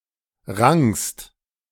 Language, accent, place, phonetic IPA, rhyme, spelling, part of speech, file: German, Germany, Berlin, [ʁaŋst], -aŋst, rangst, verb, De-rangst.ogg
- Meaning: second-person singular preterite of ringen